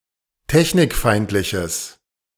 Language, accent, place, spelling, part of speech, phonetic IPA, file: German, Germany, Berlin, technikfeindliches, adjective, [ˈtɛçnɪkˌfaɪ̯ntlɪçəs], De-technikfeindliches.ogg
- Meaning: strong/mixed nominative/accusative neuter singular of technikfeindlich